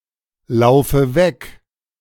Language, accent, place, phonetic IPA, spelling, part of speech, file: German, Germany, Berlin, [ˌlaʊ̯fə ˈvɛk], laufe weg, verb, De-laufe weg.ogg
- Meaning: inflection of weglaufen: 1. first-person singular present 2. first/third-person singular subjunctive I 3. singular imperative